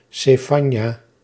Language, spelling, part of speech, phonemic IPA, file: Dutch, Sefanja, proper noun, /səˈfɑɲa/, Nl-Sefanja.ogg
- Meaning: Zephaniah (book of the Bible)